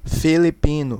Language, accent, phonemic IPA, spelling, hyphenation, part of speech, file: Portuguese, Brazil, /fi.liˈpĩ.nu/, filipino, fi‧li‧pi‧no, adjective / noun, Pt-br-filipino.ogg
- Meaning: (adjective) 1. Filipino (of or relating to the Philippines or its people) 2. Philippine (of or relating to any of the Spanish Phillips that were kings of Portugal)